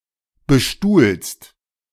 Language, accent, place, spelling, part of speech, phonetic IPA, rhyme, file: German, Germany, Berlin, bestuhlst, verb, [bəˈʃtuːlst], -uːlst, De-bestuhlst.ogg
- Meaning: second-person singular present of bestuhlen